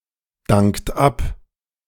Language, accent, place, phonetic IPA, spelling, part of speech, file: German, Germany, Berlin, [ˌdaŋkt ˈap], dankt ab, verb, De-dankt ab.ogg
- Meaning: inflection of abdanken: 1. third-person singular present 2. second-person plural present 3. plural imperative